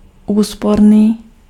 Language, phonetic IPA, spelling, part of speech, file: Czech, [ˈuːsporniː], úsporný, adjective, Cs-úsporný.ogg
- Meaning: economical